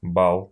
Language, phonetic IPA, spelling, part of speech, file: Russian, [baɫ], бал, noun, Ru-бал.ogg
- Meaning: ball, dance